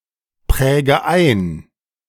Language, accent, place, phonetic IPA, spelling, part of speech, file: German, Germany, Berlin, [ˌpʁɛːɡə ˈaɪ̯n], präge ein, verb, De-präge ein.ogg
- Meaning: inflection of einprägen: 1. first-person singular present 2. first/third-person singular subjunctive I 3. singular imperative